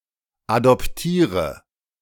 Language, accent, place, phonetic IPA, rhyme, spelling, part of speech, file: German, Germany, Berlin, [adɔpˈtiːʁə], -iːʁə, adoptiere, verb, De-adoptiere.ogg
- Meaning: inflection of adoptieren: 1. first-person singular present 2. first/third-person singular subjunctive I 3. singular imperative